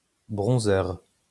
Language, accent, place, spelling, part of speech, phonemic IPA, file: French, France, Lyon, bronzeur, noun, /bʁɔ̃.zœʁ/, LL-Q150 (fra)-bronzeur.wav
- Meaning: 1. sunbather 2. bronzer (makeup)